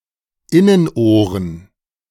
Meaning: plural of Innenohr
- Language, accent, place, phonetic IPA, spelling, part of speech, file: German, Germany, Berlin, [ˈɪnənˌʔoːʁən], Innenohren, noun, De-Innenohren.ogg